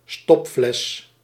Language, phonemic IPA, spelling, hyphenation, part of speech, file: Dutch, /ˈstɔp.flɛs/, stopfles, stop‧fles, noun, Nl-stopfles.ogg
- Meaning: a jar or bottle with a lid that resembles a plug and is usually made of glass